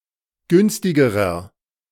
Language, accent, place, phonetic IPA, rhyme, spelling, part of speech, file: German, Germany, Berlin, [ˈɡʏnstɪɡəʁɐ], -ʏnstɪɡəʁɐ, günstigerer, adjective, De-günstigerer.ogg
- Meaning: inflection of günstig: 1. strong/mixed nominative masculine singular comparative degree 2. strong genitive/dative feminine singular comparative degree 3. strong genitive plural comparative degree